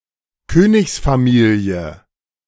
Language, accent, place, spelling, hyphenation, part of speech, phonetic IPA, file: German, Germany, Berlin, Königsfamilie, Kö‧nigs‧fa‧mi‧lie, noun, [ˈkøːnɪçsfaˌmiːli̯ə], De-Königsfamilie.ogg
- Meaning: royal family